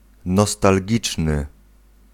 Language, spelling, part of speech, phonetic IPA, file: Polish, nostalgiczny, adjective, [ˌnɔstalʲˈɟit͡ʃnɨ], Pl-nostalgiczny.ogg